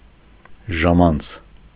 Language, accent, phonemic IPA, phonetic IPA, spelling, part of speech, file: Armenian, Eastern Armenian, /ʒɑˈmɑnt͡sʰ/, [ʒɑmɑ́nt͡sʰ], ժամանց, noun, Hy-ժամանց.ogg
- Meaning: 1. pastime 2. entertainment